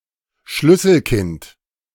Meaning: latchkey kid, latchkey child
- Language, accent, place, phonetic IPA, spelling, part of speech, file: German, Germany, Berlin, [ˈʃlʏsl̩ˌkɪnt], Schlüsselkind, noun, De-Schlüsselkind.ogg